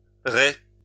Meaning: 1. snare 2. net
- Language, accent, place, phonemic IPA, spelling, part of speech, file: French, France, Lyon, /ʁɛ/, rets, noun, LL-Q150 (fra)-rets.wav